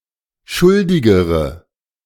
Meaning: inflection of schuldig: 1. strong/mixed nominative/accusative feminine singular comparative degree 2. strong nominative/accusative plural comparative degree
- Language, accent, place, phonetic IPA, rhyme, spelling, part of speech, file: German, Germany, Berlin, [ˈʃʊldɪɡəʁə], -ʊldɪɡəʁə, schuldigere, adjective, De-schuldigere.ogg